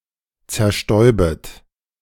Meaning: second-person plural subjunctive I of zerstäuben
- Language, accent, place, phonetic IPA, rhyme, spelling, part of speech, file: German, Germany, Berlin, [t͡sɛɐ̯ˈʃtɔɪ̯bət], -ɔɪ̯bət, zerstäubet, verb, De-zerstäubet.ogg